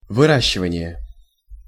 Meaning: raising (e.g. of plants), cultivation
- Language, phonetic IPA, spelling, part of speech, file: Russian, [vɨˈraɕːɪvənʲɪje], выращивание, noun, Ru-выращивание.ogg